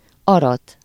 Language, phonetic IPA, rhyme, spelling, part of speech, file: Hungarian, [ˈɒrɒt], -ɒt, arat, verb, Hu-arat.ogg
- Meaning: to harvest, to reap